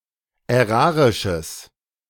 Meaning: strong/mixed nominative/accusative neuter singular of ärarisch
- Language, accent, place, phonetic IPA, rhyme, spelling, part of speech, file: German, Germany, Berlin, [ɛˈʁaːʁɪʃəs], -aːʁɪʃəs, ärarisches, adjective, De-ärarisches.ogg